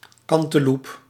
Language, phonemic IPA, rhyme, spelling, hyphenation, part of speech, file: Dutch, /ˌkɑn.təˈlup/, -up, kanteloep, kan‧te‧loep, noun, Nl-kanteloep.ogg
- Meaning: cantaloupe (melon)